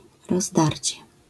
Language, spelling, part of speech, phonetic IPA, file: Polish, rozdarcie, noun, [rɔzˈdarʲt͡ɕɛ], LL-Q809 (pol)-rozdarcie.wav